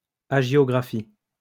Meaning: 1. hagiography (study of saints) 2. biography of a saint or saints
- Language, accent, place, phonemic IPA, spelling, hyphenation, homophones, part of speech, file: French, France, Lyon, /a.ʒjɔ.ɡʁa.fi/, hagiographie, ha‧gio‧gra‧phie, agiographie / agiographies / hagiographies, noun, LL-Q150 (fra)-hagiographie.wav